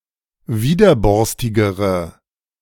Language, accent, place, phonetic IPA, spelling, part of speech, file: German, Germany, Berlin, [ˈviːdɐˌbɔʁstɪɡəʁə], widerborstigere, adjective, De-widerborstigere.ogg
- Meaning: inflection of widerborstig: 1. strong/mixed nominative/accusative feminine singular comparative degree 2. strong nominative/accusative plural comparative degree